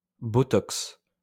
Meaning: Botox
- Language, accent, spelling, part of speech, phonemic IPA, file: French, France, botox, noun, /bɔ.tɔks/, LL-Q150 (fra)-botox.wav